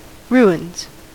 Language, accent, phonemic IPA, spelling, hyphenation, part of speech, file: English, US, /ˈɹu.ɪnz/, ruins, ru‧ins, noun / verb, En-us-ruins.ogg
- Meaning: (noun) plural of ruin; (verb) third-person singular simple present indicative of ruin